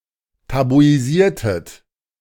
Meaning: inflection of tabuisieren: 1. second-person plural preterite 2. second-person plural subjunctive II
- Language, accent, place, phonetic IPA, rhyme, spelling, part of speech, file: German, Germany, Berlin, [tabuiˈziːɐ̯tət], -iːɐ̯tət, tabuisiertet, verb, De-tabuisiertet.ogg